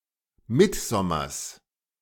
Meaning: genitive of Mittsommer
- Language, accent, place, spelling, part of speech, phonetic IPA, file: German, Germany, Berlin, Mittsommers, noun, [ˈmɪtˌzɔmɐs], De-Mittsommers.ogg